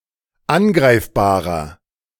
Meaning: inflection of angreifbar: 1. strong/mixed nominative masculine singular 2. strong genitive/dative feminine singular 3. strong genitive plural
- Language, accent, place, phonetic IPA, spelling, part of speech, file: German, Germany, Berlin, [ˈanˌɡʁaɪ̯fbaːʁɐ], angreifbarer, adjective, De-angreifbarer.ogg